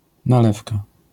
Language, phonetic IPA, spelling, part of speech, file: Polish, [naˈlɛfka], nalewka, noun, LL-Q809 (pol)-nalewka.wav